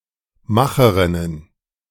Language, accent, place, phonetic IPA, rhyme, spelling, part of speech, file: German, Germany, Berlin, [ˈmaxəʁɪnən], -axəʁɪnən, Macherinnen, noun, De-Macherinnen.ogg
- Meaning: plural of Macherin